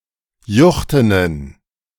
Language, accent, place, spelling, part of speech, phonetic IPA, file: German, Germany, Berlin, juchtenen, adjective, [ˈjʊxtənən], De-juchtenen.ogg
- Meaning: inflection of juchten: 1. strong genitive masculine/neuter singular 2. weak/mixed genitive/dative all-gender singular 3. strong/weak/mixed accusative masculine singular 4. strong dative plural